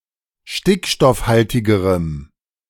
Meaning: strong dative masculine/neuter singular comparative degree of stickstoffhaltig
- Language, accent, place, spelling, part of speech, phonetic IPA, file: German, Germany, Berlin, stickstoffhaltigerem, adjective, [ˈʃtɪkʃtɔfˌhaltɪɡəʁəm], De-stickstoffhaltigerem.ogg